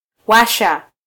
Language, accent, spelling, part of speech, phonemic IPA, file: Swahili, Kenya, washa, verb, /ˈwɑ.ʃɑ/, Sw-ke-washa.flac
- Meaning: 1. Causative form of -waka: to set something on fire 2. to turn on; to enable